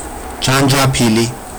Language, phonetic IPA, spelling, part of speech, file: Georgian, [d͡ʒänd͡ʒäpʰili], ჯანჯაფილი, noun, Ka-janjapili.ogg
- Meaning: ginger